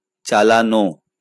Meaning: 1. to drive; to pilot (an automobile, etc.) 2. to turn on
- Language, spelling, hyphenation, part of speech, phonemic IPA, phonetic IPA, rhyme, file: Bengali, চালানো, চা‧লা‧নো, verb, /t͡ʃa.la.no/, [ˈt͡ʃa.laˌno], -ano, LL-Q9610 (ben)-চালানো.wav